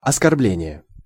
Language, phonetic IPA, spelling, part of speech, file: Russian, [ɐskɐrˈblʲenʲɪje], оскорбление, noun, Ru-оскорбление.ogg
- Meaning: insult, offence, affront, outrage, abuse (speech)